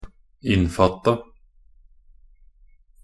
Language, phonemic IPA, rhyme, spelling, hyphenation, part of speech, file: Norwegian Bokmål, /ˈɪnːfatːa/, -atːa, innfatta, inn‧fat‧ta, verb, Nb-innfatta.ogg
- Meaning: simple past and past participle of innfatte